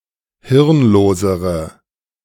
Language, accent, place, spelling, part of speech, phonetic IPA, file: German, Germany, Berlin, hirnlosere, adjective, [ˈhɪʁnˌloːzəʁə], De-hirnlosere.ogg
- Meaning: inflection of hirnlos: 1. strong/mixed nominative/accusative feminine singular comparative degree 2. strong nominative/accusative plural comparative degree